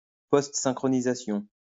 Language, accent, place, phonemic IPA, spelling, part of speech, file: French, France, Lyon, /pɔst.sɛ̃.kʁɔ.ni.za.sjɔ̃/, postsynchronisation, noun, LL-Q150 (fra)-postsynchronisation.wav
- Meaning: dubbing (adding sound to a film)